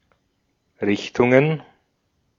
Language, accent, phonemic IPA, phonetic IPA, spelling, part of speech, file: German, Austria, /ˈʁɪçtʊŋ/, [ˈʁɪçtʰʊŋ], Richtungen, noun, De-at-Richtungen.ogg
- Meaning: plural of Richtung